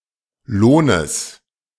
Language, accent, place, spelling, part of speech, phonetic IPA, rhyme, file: German, Germany, Berlin, Lohnes, noun, [ˈloːnəs], -oːnəs, De-Lohnes.ogg
- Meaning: genitive singular of Lohn